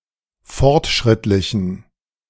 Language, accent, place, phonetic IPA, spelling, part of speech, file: German, Germany, Berlin, [ˈfɔʁtˌʃʁɪtlɪçn̩], fortschrittlichen, adjective, De-fortschrittlichen.ogg
- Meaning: inflection of fortschrittlich: 1. strong genitive masculine/neuter singular 2. weak/mixed genitive/dative all-gender singular 3. strong/weak/mixed accusative masculine singular 4. strong dative plural